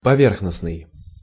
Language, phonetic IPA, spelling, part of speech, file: Russian, [pɐˈvʲerxnəsnɨj], поверхностный, adjective, Ru-поверхностный.ogg
- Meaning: 1. surface 2. shallow, superficial, perfunctory